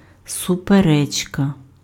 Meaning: argument, dispute, controversy
- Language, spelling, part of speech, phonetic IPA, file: Ukrainian, суперечка, noun, [sʊpeˈrɛt͡ʃkɐ], Uk-суперечка.ogg